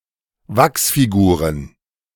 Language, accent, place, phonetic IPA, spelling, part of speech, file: German, Germany, Berlin, [ˈvaksfiˌɡuːʁən], Wachsfiguren, noun, De-Wachsfiguren.ogg
- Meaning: plural of Wachsfigur